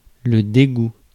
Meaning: disgust
- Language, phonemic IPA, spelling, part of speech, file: French, /de.ɡu/, dégoût, noun, Fr-dégoût.ogg